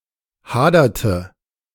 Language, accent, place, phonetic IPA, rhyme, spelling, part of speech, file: German, Germany, Berlin, [ˈhaːdɐtə], -aːdɐtə, haderte, verb, De-haderte.ogg
- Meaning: inflection of hadern: 1. first/third-person singular preterite 2. first/third-person singular subjunctive II